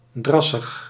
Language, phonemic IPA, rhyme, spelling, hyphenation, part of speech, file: Dutch, /ˈdrɑ.səx/, -ɑsəx, drassig, dras‧sig, adjective, Nl-drassig.ogg
- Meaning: marshy, boggy, swampy, morassy